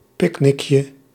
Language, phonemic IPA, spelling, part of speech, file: Dutch, /ˈpɪknɪkjə/, picknickje, noun, Nl-picknickje.ogg
- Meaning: diminutive of picknick